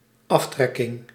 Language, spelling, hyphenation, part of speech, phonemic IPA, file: Dutch, aftrekking, af‧trek‧king, noun, /ˈɑftrɛkɪŋ/, Nl-aftrekking.ogg
- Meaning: 1. the act of subtracting 2. subtraction, a mathematical function to calculate the arithmetical difference between two numeric values